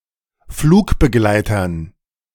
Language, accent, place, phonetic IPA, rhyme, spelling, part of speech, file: German, Germany, Berlin, [ˈfluːkbəˌɡlaɪ̯tɐn], -uːkbəɡlaɪ̯tɐn, Flugbegleitern, noun, De-Flugbegleitern.ogg
- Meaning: dative plural of Flugbegleiter